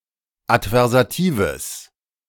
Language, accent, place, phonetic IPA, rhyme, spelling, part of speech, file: German, Germany, Berlin, [atvɛʁzaˈtiːvəs], -iːvəs, adversatives, adjective, De-adversatives.ogg
- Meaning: strong/mixed nominative/accusative neuter singular of adversativ